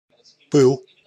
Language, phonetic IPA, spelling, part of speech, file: Russian, [pɨɫ], пыл, noun, Ru-пыл.ogg
- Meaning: 1. heat 2. ardour, zeal, blaze (great warmth of feeling; fervor; passion)